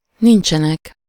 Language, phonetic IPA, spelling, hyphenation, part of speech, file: Hungarian, [ˈnint͡ʃɛnɛk], nincsenek, nin‧cse‧nek, verb, Hu-nincsenek.ogg
- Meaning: third-person plural present of nincs